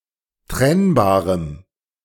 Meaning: strong dative masculine/neuter singular of trennbar
- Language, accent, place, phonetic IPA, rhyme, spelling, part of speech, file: German, Germany, Berlin, [ˈtʁɛnbaːʁəm], -ɛnbaːʁəm, trennbarem, adjective, De-trennbarem.ogg